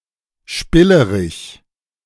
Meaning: spindly (thin and long)
- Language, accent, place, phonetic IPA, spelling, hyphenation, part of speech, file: German, Germany, Berlin, [ˈʃpɪləʁɪç], spillerig, spil‧le‧rig, adjective, De-spillerig.ogg